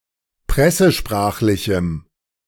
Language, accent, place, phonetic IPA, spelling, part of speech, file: German, Germany, Berlin, [ˈpʁɛsəˌʃpʁaːxlɪçm̩], pressesprachlichem, adjective, De-pressesprachlichem.ogg
- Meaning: strong dative masculine/neuter singular of pressesprachlich